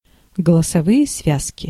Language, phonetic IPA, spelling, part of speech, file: Russian, [ɡəɫəsɐˈvɨje ˈsvʲaskʲɪ], голосовые связки, noun, Ru-голосовые связки.ogg
- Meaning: vocal cords